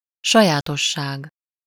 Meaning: property, characteristic
- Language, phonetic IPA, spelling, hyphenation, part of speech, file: Hungarian, [ˈʃɒjaːtoʃːaːɡ], sajátosság, sa‧já‧tos‧ság, noun, Hu-sajátosság.ogg